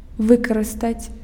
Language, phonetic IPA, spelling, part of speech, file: Belarusian, [ˈvɨkarɨstat͡sʲ], выкарыстаць, verb, Be-выкарыстаць.ogg
- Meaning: to use, to utilise